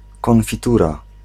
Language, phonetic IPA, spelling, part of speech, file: Polish, [ˌkɔ̃nfʲiˈtura], konfitura, noun, Pl-konfitura.ogg